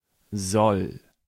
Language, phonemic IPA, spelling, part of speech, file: German, /zɔl/, soll, verb, De-soll.ogg
- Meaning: first/third-person singular present of sollen